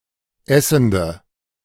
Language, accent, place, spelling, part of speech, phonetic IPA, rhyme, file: German, Germany, Berlin, essende, adjective, [ˈɛsn̩də], -ɛsn̩də, De-essende.ogg
- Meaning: inflection of essend: 1. strong/mixed nominative/accusative feminine singular 2. strong nominative/accusative plural 3. weak nominative all-gender singular 4. weak accusative feminine/neuter singular